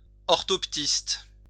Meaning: orthoptist
- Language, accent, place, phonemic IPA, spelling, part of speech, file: French, France, Lyon, /ɔʁ.tɔp.tist/, orthoptiste, noun, LL-Q150 (fra)-orthoptiste.wav